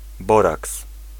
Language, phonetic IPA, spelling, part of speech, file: Polish, [ˈbɔraks], boraks, noun, Pl-boraks.ogg